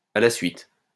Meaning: in a row (successively)
- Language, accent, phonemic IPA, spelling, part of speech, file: French, France, /a la sɥit/, à la suite, adverb, LL-Q150 (fra)-à la suite.wav